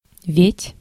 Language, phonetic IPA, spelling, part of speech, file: Russian, [vʲetʲ], ведь, interjection / conjunction, Ru-ведь.ogg
- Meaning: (interjection) 1. after all 2. indeed, surely 3. why, well 4. then, you know, you see 5. isn’t it?; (conjunction) as, because